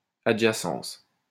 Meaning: adjacence, adjacency
- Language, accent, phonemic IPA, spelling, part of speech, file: French, France, /a.dʒa.sɑ̃s/, adjacence, noun, LL-Q150 (fra)-adjacence.wav